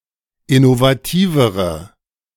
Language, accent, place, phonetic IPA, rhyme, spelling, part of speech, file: German, Germany, Berlin, [ɪnovaˈtiːvəʁə], -iːvəʁə, innovativere, adjective, De-innovativere.ogg
- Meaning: inflection of innovativ: 1. strong/mixed nominative/accusative feminine singular comparative degree 2. strong nominative/accusative plural comparative degree